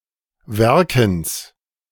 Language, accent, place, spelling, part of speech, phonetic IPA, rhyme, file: German, Germany, Berlin, Werkens, noun, [ˈvɛʁkn̩s], -ɛʁkn̩s, De-Werkens.ogg
- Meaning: genitive singular of Werken